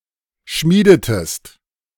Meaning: inflection of schmieden: 1. second-person singular preterite 2. second-person singular subjunctive II
- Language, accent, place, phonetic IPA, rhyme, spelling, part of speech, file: German, Germany, Berlin, [ˈʃmiːdətəst], -iːdətəst, schmiedetest, verb, De-schmiedetest.ogg